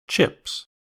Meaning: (verb) third-person singular simple present indicative of chip; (noun) 1. plural of chip 2. Money 3. A carpenter
- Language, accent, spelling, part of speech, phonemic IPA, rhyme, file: English, US, chips, verb / noun, /t͡ʃɪps/, -ɪps, En-us-chips.ogg